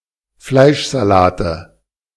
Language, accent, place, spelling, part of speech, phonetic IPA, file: German, Germany, Berlin, Fleischsalate, noun, [ˈflaɪ̯ʃzaˌlaːtə], De-Fleischsalate.ogg
- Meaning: 1. nominative/accusative/genitive plural of Fleischsalat 2. dative singular of Fleischsalat